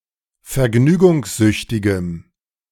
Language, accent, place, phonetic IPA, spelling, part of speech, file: German, Germany, Berlin, [fɛɐ̯ˈɡnyːɡʊŋsˌzʏçtɪɡəm], vergnügungssüchtigem, adjective, De-vergnügungssüchtigem.ogg
- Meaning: strong dative masculine/neuter singular of vergnügungssüchtig